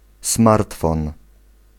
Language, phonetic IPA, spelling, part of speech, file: Polish, [ˈsmartfɔ̃n], smartfon, noun, Pl-smartfon.ogg